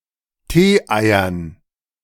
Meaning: dative plural of Teeei
- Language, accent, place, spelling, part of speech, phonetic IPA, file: German, Germany, Berlin, Teeeiern, noun, [ˈteːˌʔaɪ̯ɐn], De-Teeeiern.ogg